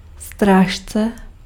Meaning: 1. guardian, guard 2. advisor: a xiangqi piece that is moved one point diagonally and confined within the palace
- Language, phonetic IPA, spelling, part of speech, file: Czech, [ˈstraːʃt͡sɛ], strážce, noun, Cs-strážce.ogg